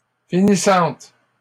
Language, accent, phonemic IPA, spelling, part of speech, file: French, Canada, /fi.ni.sɑ̃t/, finissantes, noun / adjective, LL-Q150 (fra)-finissantes.wav
- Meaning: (noun) plural of finissante; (adjective) feminine plural of finissant